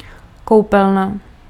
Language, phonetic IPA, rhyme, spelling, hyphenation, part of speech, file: Czech, [ˈkou̯pɛlna], -ɛlna, koupelna, kou‧pel‧na, noun, Cs-koupelna.ogg
- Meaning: bathroom, bath